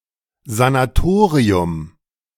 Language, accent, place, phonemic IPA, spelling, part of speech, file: German, Germany, Berlin, /zanaˈtoːʁiʊm/, Sanatorium, noun, De-Sanatorium.ogg
- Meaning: sanatorium, sanitorium, sanitarium